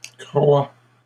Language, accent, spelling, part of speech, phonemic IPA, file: French, Canada, croîs, verb, /kʁwa/, LL-Q150 (fra)-croîs.wav
- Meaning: inflection of croître: 1. first/second-person singular present indicative 2. second-person singular imperative